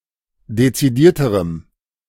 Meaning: strong dative masculine/neuter singular comparative degree of dezidiert
- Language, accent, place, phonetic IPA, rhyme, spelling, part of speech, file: German, Germany, Berlin, [det͡siˈdiːɐ̯təʁəm], -iːɐ̯təʁəm, dezidierterem, adjective, De-dezidierterem.ogg